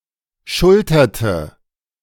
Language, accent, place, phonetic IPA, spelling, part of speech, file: German, Germany, Berlin, [ˈʃʊltɐtə], schulterte, verb, De-schulterte.ogg
- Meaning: inflection of schultern: 1. first/third-person singular preterite 2. first/third-person singular subjunctive II